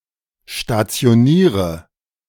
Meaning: inflection of stationieren: 1. first-person singular present 2. first/third-person singular subjunctive I 3. singular imperative
- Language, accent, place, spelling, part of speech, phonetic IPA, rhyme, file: German, Germany, Berlin, stationiere, verb, [ʃtat͡si̯oˈniːʁə], -iːʁə, De-stationiere.ogg